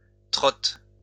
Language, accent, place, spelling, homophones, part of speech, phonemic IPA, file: French, France, Lyon, trotte, trottent / trottes, verb, /tʁɔt/, LL-Q150 (fra)-trotte.wav
- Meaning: inflection of trotter: 1. first/third-person singular present indicative/subjunctive 2. second-person singular imperative